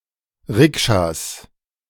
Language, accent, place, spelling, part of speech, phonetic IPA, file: German, Germany, Berlin, Rikschas, noun, [ˈʁɪkʃas], De-Rikschas.ogg
- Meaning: plural of Rikscha